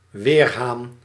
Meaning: weathercock
- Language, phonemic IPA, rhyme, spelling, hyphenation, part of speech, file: Dutch, /ˈʋeːrɦaːn/, -eːrɦaːn, weerhaan, weer‧haan, noun, Nl-weerhaan.ogg